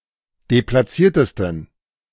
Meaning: 1. superlative degree of deplatziert 2. inflection of deplatziert: strong genitive masculine/neuter singular superlative degree
- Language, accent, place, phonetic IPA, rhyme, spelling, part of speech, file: German, Germany, Berlin, [deplaˈt͡siːɐ̯təstn̩], -iːɐ̯təstn̩, deplatziertesten, adjective, De-deplatziertesten.ogg